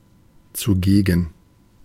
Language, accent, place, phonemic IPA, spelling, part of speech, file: German, Germany, Berlin, /t͡suˈɡeːɡn̩/, zugegen, adjective, De-zugegen.ogg
- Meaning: present (in attendance)